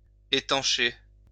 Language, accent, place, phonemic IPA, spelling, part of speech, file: French, France, Lyon, /e.tɑ̃.ʃe/, étancher, verb, LL-Q150 (fra)-étancher.wav
- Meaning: 1. to make watertight, to stop water from flowing 2. to quench (thirst) 3. to satiate, to quench, to assuage